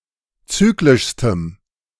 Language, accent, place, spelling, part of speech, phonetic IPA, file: German, Germany, Berlin, zyklischstem, adjective, [ˈt͡syːklɪʃstəm], De-zyklischstem.ogg
- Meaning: strong dative masculine/neuter singular superlative degree of zyklisch